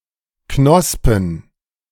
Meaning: plural of Knospe
- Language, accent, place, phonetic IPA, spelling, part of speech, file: German, Germany, Berlin, [ˈknɔspn̩], Knospen, noun, De-Knospen.ogg